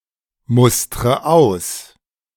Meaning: inflection of ausmustern: 1. first-person singular present 2. first/third-person singular subjunctive I 3. singular imperative
- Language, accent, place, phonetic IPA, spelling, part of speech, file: German, Germany, Berlin, [ˌmʊstʁə ˈaʊ̯s], mustre aus, verb, De-mustre aus.ogg